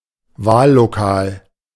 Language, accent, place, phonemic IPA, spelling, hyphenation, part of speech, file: German, Germany, Berlin, /ˈvaːlloˌkaːl/, Wahllokal, Wahl‧lo‧kal, noun, De-Wahllokal.ogg
- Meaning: voting station (US), polling station (UK)